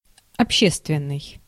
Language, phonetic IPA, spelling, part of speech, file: Russian, [ɐpˈɕːestvʲɪn(ː)ɨj], общественный, adjective, Ru-общественный.ogg
- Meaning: 1. social 2. public 3. common